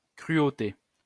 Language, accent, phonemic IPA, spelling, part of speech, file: French, France, /kʁy.o.te/, cruauté, noun, LL-Q150 (fra)-cruauté.wav
- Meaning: 1. cruelty 2. a cruel act